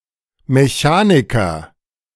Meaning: 1. mechanic, repairman, fitter, mechanician, machinist 2. ellipsis of Automechaniker; auto mechanic
- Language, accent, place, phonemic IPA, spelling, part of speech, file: German, Germany, Berlin, /meˈçaːnikɐ/, Mechaniker, noun, De-Mechaniker.ogg